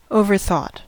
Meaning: simple past and past participle of overthink
- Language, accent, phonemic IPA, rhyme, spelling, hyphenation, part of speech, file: English, US, /ˌoʊ.vɚˈθɔt/, -ɔːt, overthought, o‧ver‧thought, verb, En-us-overthought.ogg